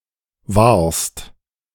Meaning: second-person singular present of wahren
- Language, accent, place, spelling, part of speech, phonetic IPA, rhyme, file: German, Germany, Berlin, wahrst, verb, [vaːɐ̯st], -aːɐ̯st, De-wahrst.ogg